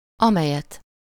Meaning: accusative singular of amely
- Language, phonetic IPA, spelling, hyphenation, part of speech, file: Hungarian, [ˈɒmɛjɛt], amelyet, ame‧lyet, pronoun, Hu-amelyet.ogg